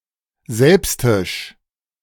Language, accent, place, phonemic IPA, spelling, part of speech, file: German, Germany, Berlin, /ˈzɛlpstɪʃ/, selbstisch, adjective, De-selbstisch.ogg
- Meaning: selfish